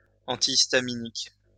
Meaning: antihistamine
- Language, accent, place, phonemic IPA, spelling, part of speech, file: French, France, Lyon, /ɑ̃.ti.is.ta.mi.nik/, antihistaminique, noun, LL-Q150 (fra)-antihistaminique.wav